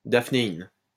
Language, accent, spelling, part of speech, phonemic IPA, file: French, France, daphnéine, noun, /daf.ne.in/, LL-Q150 (fra)-daphnéine.wav
- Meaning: daphnin